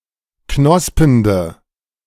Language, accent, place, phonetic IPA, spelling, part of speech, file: German, Germany, Berlin, [ˈknɔspəndə], knospende, adjective, De-knospende.ogg
- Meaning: inflection of knospend: 1. strong/mixed nominative/accusative feminine singular 2. strong nominative/accusative plural 3. weak nominative all-gender singular